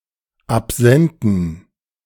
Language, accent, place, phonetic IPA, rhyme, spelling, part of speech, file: German, Germany, Berlin, [apˈzɛntn̩], -ɛntn̩, absenten, adjective, De-absenten.ogg
- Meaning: inflection of absent: 1. strong genitive masculine/neuter singular 2. weak/mixed genitive/dative all-gender singular 3. strong/weak/mixed accusative masculine singular 4. strong dative plural